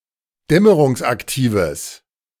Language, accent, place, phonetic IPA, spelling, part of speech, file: German, Germany, Berlin, [ˈdɛməʁʊŋsʔakˌtiːvəs], dämmerungsaktives, adjective, De-dämmerungsaktives.ogg
- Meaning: strong/mixed nominative/accusative neuter singular of dämmerungsaktiv